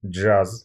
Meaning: jazz
- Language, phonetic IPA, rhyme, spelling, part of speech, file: Russian, [d͡ʐʐas], -as, джаз, noun, Ru-джаз.ogg